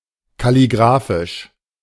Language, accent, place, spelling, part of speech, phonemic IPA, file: German, Germany, Berlin, kalligraphisch, adjective, /kaliˈɡʁaːfɪʃ/, De-kalligraphisch.ogg
- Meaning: calligraphic